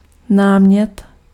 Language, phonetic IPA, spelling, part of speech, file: Czech, [ˈnaːmɲɛt], námět, noun, Cs-námět.ogg
- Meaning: 1. topic, subject, theme 2. suggestion, proposal